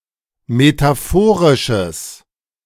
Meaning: strong/mixed nominative/accusative neuter singular of metaphorisch
- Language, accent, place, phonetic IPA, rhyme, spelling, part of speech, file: German, Germany, Berlin, [metaˈfoːʁɪʃəs], -oːʁɪʃəs, metaphorisches, adjective, De-metaphorisches.ogg